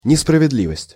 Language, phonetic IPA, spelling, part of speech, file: Russian, [nʲɪsprəvʲɪdˈlʲivəsʲtʲ], несправедливость, noun, Ru-несправедливость.ogg
- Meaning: injustice, unfairness